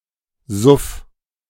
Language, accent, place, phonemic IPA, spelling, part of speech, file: German, Germany, Berlin, /zʊf/, Suff, noun, De-Suff.ogg
- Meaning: drinking, alcoholism